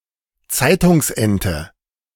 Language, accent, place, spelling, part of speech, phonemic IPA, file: German, Germany, Berlin, Zeitungsente, noun, /ˈtsaɪ̯tʊŋsˌ(ʔ)ɛntə/, De-Zeitungsente.ogg
- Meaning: canard (false or misleading report)